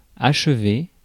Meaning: past participle of achever
- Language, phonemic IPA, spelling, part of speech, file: French, /aʃ.ve/, achevé, verb, Fr-achevé.ogg